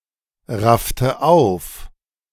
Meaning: inflection of aufraffen: 1. first/third-person singular preterite 2. first/third-person singular subjunctive II
- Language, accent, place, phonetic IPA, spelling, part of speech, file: German, Germany, Berlin, [ˌʁaftə ˈaʊ̯f], raffte auf, verb, De-raffte auf.ogg